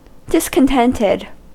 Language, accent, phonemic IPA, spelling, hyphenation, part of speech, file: English, US, /ˌdɪskənˈtɛntɛd/, discontented, dis‧con‧tent‧ed, adjective / verb, En-us-discontented.ogg
- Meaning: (adjective) 1. Experiencing discontent, dissatisfaction 2. Of or pertaining to discontent; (verb) simple past and past participle of discontent